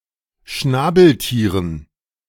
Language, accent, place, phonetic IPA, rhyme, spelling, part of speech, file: German, Germany, Berlin, [ˈʃnaːbl̩ˌtiːʁən], -aːbl̩tiːʁən, Schnabeltieren, noun, De-Schnabeltieren.ogg
- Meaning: dative plural of Schnabeltier